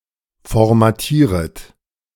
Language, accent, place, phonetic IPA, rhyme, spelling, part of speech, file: German, Germany, Berlin, [fɔʁmaˈtiːʁət], -iːʁət, formatieret, verb, De-formatieret.ogg
- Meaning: second-person plural subjunctive I of formatieren